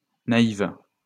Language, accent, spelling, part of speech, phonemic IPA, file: French, France, naïves, adjective, /na.iv/, LL-Q150 (fra)-naïves.wav
- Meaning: feminine plural of naïf